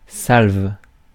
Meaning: 1. salvo, volley of shots 2. round
- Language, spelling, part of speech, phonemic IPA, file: French, salve, noun, /salv/, Fr-salve.ogg